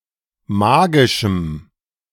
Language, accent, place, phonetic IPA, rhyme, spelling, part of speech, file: German, Germany, Berlin, [ˈmaːɡɪʃm̩], -aːɡɪʃm̩, magischem, adjective, De-magischem.ogg
- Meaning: strong dative masculine/neuter singular of magisch